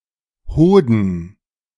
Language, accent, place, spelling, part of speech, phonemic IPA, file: German, Germany, Berlin, Hoden, noun, /ˈhoːdən/, De-Hoden.ogg
- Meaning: testicle